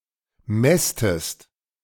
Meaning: inflection of mästen: 1. second-person singular present 2. second-person singular subjunctive I
- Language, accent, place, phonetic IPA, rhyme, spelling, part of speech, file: German, Germany, Berlin, [ˈmɛstəst], -ɛstəst, mästest, verb, De-mästest.ogg